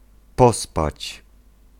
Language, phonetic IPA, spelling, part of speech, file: Polish, [ˈpɔspat͡ɕ], pospać, verb, Pl-pospać.ogg